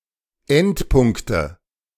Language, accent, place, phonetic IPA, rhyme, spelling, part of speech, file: German, Germany, Berlin, [ˈɛntˌpʊŋktə], -ɛntpʊŋktə, Endpunkte, noun, De-Endpunkte.ogg
- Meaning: 1. nominative/accusative/genitive plural of Endpunkt 2. dative singular of Endpunkt